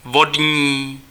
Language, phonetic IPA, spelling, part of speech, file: Czech, [ˈvodɲiː], vodní, adjective, Cs-vodní.ogg
- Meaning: 1. water 2. aquatic